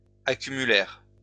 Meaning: third-person plural past historic of accumuler
- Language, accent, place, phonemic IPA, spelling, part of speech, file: French, France, Lyon, /a.ky.my.lɛʁ/, accumulèrent, verb, LL-Q150 (fra)-accumulèrent.wav